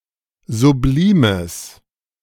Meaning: strong/mixed nominative/accusative neuter singular of sublim
- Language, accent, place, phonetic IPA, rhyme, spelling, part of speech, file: German, Germany, Berlin, [zuˈbliːməs], -iːməs, sublimes, adjective, De-sublimes.ogg